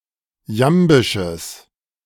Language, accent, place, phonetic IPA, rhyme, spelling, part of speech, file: German, Germany, Berlin, [ˈjambɪʃəs], -ambɪʃəs, jambisches, adjective, De-jambisches.ogg
- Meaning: strong/mixed nominative/accusative neuter singular of jambisch